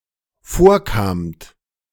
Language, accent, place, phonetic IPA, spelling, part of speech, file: German, Germany, Berlin, [ˈfoːɐ̯ˌkaːmt], vorkamt, verb, De-vorkamt.ogg
- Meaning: second-person plural dependent preterite of vorkommen